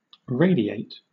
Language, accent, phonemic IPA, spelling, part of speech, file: English, Southern England, /ˈɹeɪdieɪt/, radiate, verb, LL-Q1860 (eng)-radiate.wav
- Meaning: 1. To extend, be sent or spread out from a center like radii 2. To emit rays or waves 3. To come out or proceed in rays or waves 4. To illuminate